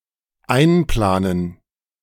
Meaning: 1. to include in a plan 2. to budget 3. to schedule, to arrange/allow time for
- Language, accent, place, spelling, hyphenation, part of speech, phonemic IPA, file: German, Germany, Berlin, einplanen, ein‧pla‧nen, verb, /ˈaɪ̯nˌplaːnən/, De-einplanen.ogg